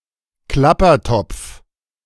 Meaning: rattle, any plant of the genus Rhinanthus
- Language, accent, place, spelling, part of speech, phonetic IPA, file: German, Germany, Berlin, Klappertopf, noun, [ˈklapɐˌtɔp͡f], De-Klappertopf.ogg